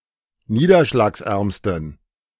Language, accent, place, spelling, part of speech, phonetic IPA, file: German, Germany, Berlin, niederschlagsärmsten, adjective, [ˈniːdɐʃlaːksˌʔɛʁmstn̩], De-niederschlagsärmsten.ogg
- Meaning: superlative degree of niederschlagsarm